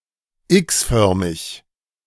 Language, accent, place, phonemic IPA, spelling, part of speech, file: German, Germany, Berlin, /ˈɪksˌfœʁmɪç/, x-förmig, adjective, De-x-förmig.ogg
- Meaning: X-shaped